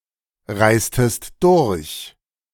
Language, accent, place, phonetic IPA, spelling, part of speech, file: German, Germany, Berlin, [ˌʁaɪ̯stəst ˈdʊʁç], reistest durch, verb, De-reistest durch.ogg
- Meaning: inflection of durchreisen: 1. second-person singular preterite 2. second-person singular subjunctive II